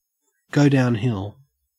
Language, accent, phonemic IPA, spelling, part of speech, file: English, Australia, /ɡɐʉ dɐʉnˈhɪɫ/, go downhill, verb, En-au-go downhill.ogg
- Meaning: To worsen or degenerate